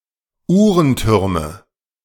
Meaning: nominative/accusative/genitive plural of Uhrenturm
- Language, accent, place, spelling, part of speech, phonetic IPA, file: German, Germany, Berlin, Uhrentürme, noun, [ˈuːʁənˌtʏʁmə], De-Uhrentürme.ogg